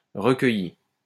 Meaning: feminine singular of recueilli
- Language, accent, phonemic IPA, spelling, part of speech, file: French, France, /ʁə.kœ.ji/, recueillie, verb, LL-Q150 (fra)-recueillie.wav